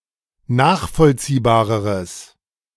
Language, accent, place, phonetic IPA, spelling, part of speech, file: German, Germany, Berlin, [ˈnaːxfɔlt͡siːbaːʁəʁəs], nachvollziehbareres, adjective, De-nachvollziehbareres.ogg
- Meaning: strong/mixed nominative/accusative neuter singular comparative degree of nachvollziehbar